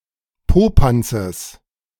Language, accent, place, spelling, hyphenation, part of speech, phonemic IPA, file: German, Germany, Berlin, Popanzes, Po‧pan‧zes, noun, /ˈpoːpantsəs/, De-Popanzes.ogg
- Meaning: genitive singular of Popanz